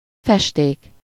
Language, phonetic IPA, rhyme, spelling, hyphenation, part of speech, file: Hungarian, [ˈfɛʃteːk], -eːk, festék, fes‧ték, noun, Hu-festék.ogg
- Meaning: 1. paint 2. dye